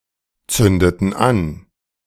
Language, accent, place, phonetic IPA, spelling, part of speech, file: German, Germany, Berlin, [ˌt͡sʏndətn̩ ˈan], zündeten an, verb, De-zündeten an.ogg
- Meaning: inflection of anzünden: 1. first/third-person plural preterite 2. first/third-person plural subjunctive II